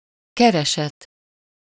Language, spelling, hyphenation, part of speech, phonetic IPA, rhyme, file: Hungarian, kereset, ke‧re‧set, noun, [ˈkɛrɛʃɛt], -ɛt, Hu-kereset.ogg
- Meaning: 1. living, income, salary 2. action, suit, lawsuit, petition